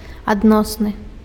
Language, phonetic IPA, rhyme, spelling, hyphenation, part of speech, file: Belarusian, [adˈnosnɨ], -osnɨ, адносны, ад‧нос‧ны, adjective, Be-адносны.ogg
- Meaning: 1. relative (which is determined by comparison with something) 2. relative (noticeable only when compared with something less significant)